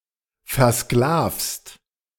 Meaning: second-person singular present of versklaven
- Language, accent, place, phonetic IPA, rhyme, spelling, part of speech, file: German, Germany, Berlin, [fɛɐ̯ˈsklaːfst], -aːfst, versklavst, verb, De-versklavst.ogg